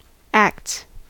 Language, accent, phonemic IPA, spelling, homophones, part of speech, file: English, US, /ækts/, acts, ask, noun / verb, En-us-acts.ogg
- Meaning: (noun) plural of act; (verb) third-person singular simple present indicative of act